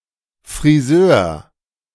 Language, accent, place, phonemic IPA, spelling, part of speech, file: German, Germany, Berlin, /friˈzøːr/, Friseur, noun, De-Friseur.ogg
- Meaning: hairdresser, barber